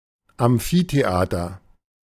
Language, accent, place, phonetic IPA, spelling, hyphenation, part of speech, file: German, Germany, Berlin, [amˈfiːteˌʔaːtɐ], Amphitheater, Am‧phi‧the‧a‧ter, noun, De-Amphitheater.ogg
- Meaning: amphitheater